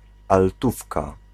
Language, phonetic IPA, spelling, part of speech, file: Polish, [alˈtufka], altówka, noun, Pl-altówka.ogg